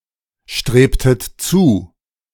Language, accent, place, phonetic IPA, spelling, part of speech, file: German, Germany, Berlin, [ˌʃtʁeːptət ˈt͡suː], strebtet zu, verb, De-strebtet zu.ogg
- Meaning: inflection of zustreben: 1. second-person plural preterite 2. second-person plural subjunctive II